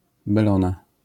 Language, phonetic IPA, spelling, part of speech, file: Polish, [bɛˈlɔ̃na], belona, noun, LL-Q809 (pol)-belona.wav